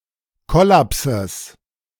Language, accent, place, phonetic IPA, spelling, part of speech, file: German, Germany, Berlin, [ˈkɔlapsəs], Kollapses, noun, De-Kollapses.ogg
- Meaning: genitive singular of Kollaps